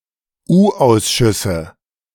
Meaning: nominative/accusative/genitive plural of U-Ausschuss
- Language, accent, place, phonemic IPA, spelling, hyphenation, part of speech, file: German, Germany, Berlin, /ˈuːˌʔaʊ̯sʃʏsə/, U-Ausschüsse, U-Aus‧schüs‧se, noun, De-U-Ausschüsse.ogg